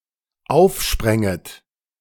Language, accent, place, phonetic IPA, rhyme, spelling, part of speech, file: German, Germany, Berlin, [ˈaʊ̯fˌʃpʁɛŋət], -aʊ̯fʃpʁɛŋət, aufspränget, verb, De-aufspränget.ogg
- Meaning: second-person plural dependent subjunctive II of aufspringen